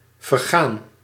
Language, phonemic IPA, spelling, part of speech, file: Dutch, /vərˈɣan/, vergaan, verb / adjective, Nl-vergaan.ogg
- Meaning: 1. to rot, to perish, to expire 2. to founder (ship) 3. to die 4. past participle of vergaan